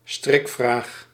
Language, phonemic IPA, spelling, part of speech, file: Dutch, /ˈstrɪkˌvraːx/, strikvraag, noun, Nl-strikvraag.ogg
- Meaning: trick question